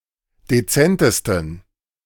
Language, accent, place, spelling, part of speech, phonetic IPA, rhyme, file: German, Germany, Berlin, dezentesten, adjective, [deˈt͡sɛntəstn̩], -ɛntəstn̩, De-dezentesten.ogg
- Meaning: 1. superlative degree of dezent 2. inflection of dezent: strong genitive masculine/neuter singular superlative degree